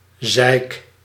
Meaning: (noun) only used in in de zeik nemen; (verb) inflection of zeiken: 1. first-person singular present indicative 2. second-person singular present indicative 3. imperative
- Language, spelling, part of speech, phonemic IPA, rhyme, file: Dutch, zeik, noun / verb, /zɛi̯k/, -ɛi̯k, Nl-zeik.ogg